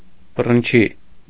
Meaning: 1. nettle tree (Celtis spp.) 2. guelder rose (Viburnum opulus)
- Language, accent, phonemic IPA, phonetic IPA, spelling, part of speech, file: Armenian, Eastern Armenian, /bərənˈt͡ʃʰi/, [bərənt͡ʃʰí], բռնչի, noun, Hy-բռնչի.ogg